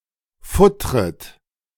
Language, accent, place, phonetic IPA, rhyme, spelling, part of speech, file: German, Germany, Berlin, [ˈfʊtʁət], -ʊtʁət, futtret, verb, De-futtret.ogg
- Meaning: second-person plural subjunctive I of futtern